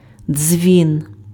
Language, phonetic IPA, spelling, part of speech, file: Ukrainian, [d͡zʲʋʲin], дзвін, noun, Uk-дзвін.ogg
- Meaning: bell